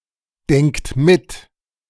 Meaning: inflection of mitdenken: 1. third-person singular present 2. second-person plural present 3. plural imperative
- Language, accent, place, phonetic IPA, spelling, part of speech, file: German, Germany, Berlin, [ˌdɛŋkt ˈmɪt], denkt mit, verb, De-denkt mit.ogg